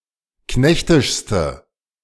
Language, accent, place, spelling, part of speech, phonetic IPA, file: German, Germany, Berlin, knechtischste, adjective, [ˈknɛçtɪʃstə], De-knechtischste.ogg
- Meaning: inflection of knechtisch: 1. strong/mixed nominative/accusative feminine singular superlative degree 2. strong nominative/accusative plural superlative degree